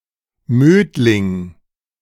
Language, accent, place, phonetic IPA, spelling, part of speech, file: German, Germany, Berlin, [ˈmøːdlɪŋ], Mödling, proper noun, De-Mödling.ogg
- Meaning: a municipality of Lower Austria, Austria